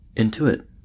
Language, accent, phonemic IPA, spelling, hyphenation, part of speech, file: English, US, /ɪnˈtuɪt/, intuit, in‧tu‧it, verb, En-us-intuit.ogg
- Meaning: To know intuitively or by immediate perception